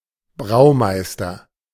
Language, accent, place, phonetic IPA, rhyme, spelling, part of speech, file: German, Germany, Berlin, [ˈbʁaʊ̯ˌmaɪ̯stɐ], -aʊ̯maɪ̯stɐ, Braumeister, noun, De-Braumeister.ogg
- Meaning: brewmaster